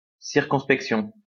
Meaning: circumspection (attention to all the facts and circumstances)
- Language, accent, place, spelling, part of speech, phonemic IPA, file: French, France, Lyon, circonspection, noun, /siʁ.kɔ̃s.pɛk.sjɔ̃/, LL-Q150 (fra)-circonspection.wav